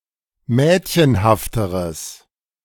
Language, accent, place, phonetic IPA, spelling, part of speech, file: German, Germany, Berlin, [ˈmɛːtçənhaftəʁəs], mädchenhafteres, adjective, De-mädchenhafteres.ogg
- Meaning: strong/mixed nominative/accusative neuter singular comparative degree of mädchenhaft